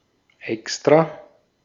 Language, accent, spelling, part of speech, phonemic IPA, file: German, Austria, extra, adjective / adverb, /ˈɛks.tʁa/, De-at-extra.ogg
- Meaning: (adjective) 1. separate (not included in or directly connected to the object being discussed) 2. special, specially made; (adverb) 1. specifically (for a given purpose) 2. on purpose